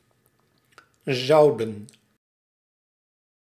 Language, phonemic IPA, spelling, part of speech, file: Dutch, /ˈzɑu̯.də(n)/, zouden, verb, Nl-zouden.ogg
- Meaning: inflection of zullen: 1. plural past indicative 2. plural past subjunctive